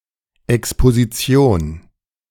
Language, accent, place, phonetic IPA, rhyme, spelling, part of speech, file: German, Germany, Berlin, [ɛkspoziˈt͡si̯oːn], -oːn, Exposition, noun, De-Exposition2.ogg
- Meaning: 1. exposition (action of putting something out to public view) 2. exposition 3. exposition; exhibition